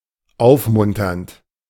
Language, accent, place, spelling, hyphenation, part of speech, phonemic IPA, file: German, Germany, Berlin, aufmunternd, auf‧mun‧ternd, verb / adjective, /ˈaʊ̯fˌmʊntɐnt/, De-aufmunternd.ogg
- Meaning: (verb) present participle of aufmuntern; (adjective) cheery, encouraging